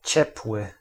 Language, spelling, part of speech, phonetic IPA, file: Polish, ciepły, adjective, [ˈt͡ɕɛpwɨ], Pl-ciepły.ogg